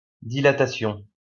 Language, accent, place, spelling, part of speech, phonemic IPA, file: French, France, Lyon, dilatation, noun, /di.la.ta.sjɔ̃/, LL-Q150 (fra)-dilatation.wav
- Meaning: dilation; act or instance of dilating